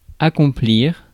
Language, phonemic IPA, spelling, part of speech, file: French, /a.kɔ̃.pliʁ/, accomplir, verb, Fr-accomplir.ogg
- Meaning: 1. to accomplish 2. to achieve